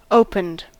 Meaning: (verb) simple past and past participle of open; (adjective) Having undergone opening
- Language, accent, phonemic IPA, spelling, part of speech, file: English, US, /ˈoʊpənd/, opened, verb / adjective, En-us-opened.ogg